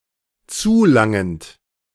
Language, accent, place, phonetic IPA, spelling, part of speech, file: German, Germany, Berlin, [ˈt͡suːˌlaŋənt], zulangend, verb, De-zulangend.ogg
- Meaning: present participle of zulangen